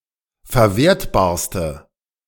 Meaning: inflection of verwertbar: 1. strong/mixed nominative/accusative feminine singular superlative degree 2. strong nominative/accusative plural superlative degree
- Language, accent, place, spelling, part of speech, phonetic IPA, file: German, Germany, Berlin, verwertbarste, adjective, [fɛɐ̯ˈveːɐ̯tbaːɐ̯stə], De-verwertbarste.ogg